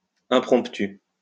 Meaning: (adjective) improvised, not planned; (noun) 1. improvised action 2. impromptu
- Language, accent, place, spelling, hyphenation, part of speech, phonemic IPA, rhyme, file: French, France, Lyon, impromptu, im‧promp‧tu, adjective / noun, /ɛ̃.pʁɔ̃p.ty/, -y, LL-Q150 (fra)-impromptu.wav